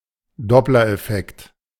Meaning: Doppler effect (change in frequency or wavelength)
- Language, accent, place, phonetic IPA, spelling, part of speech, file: German, Germany, Berlin, [ˈdɔplɐʔɛˌfɛkt], Dopplereffekt, noun, De-Dopplereffekt.ogg